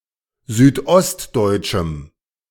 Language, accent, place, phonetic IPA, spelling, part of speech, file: German, Germany, Berlin, [ˌzyːtˈʔɔstdɔɪ̯tʃm̩], südostdeutschem, adjective, De-südostdeutschem.ogg
- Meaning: strong dative masculine/neuter singular of südostdeutsch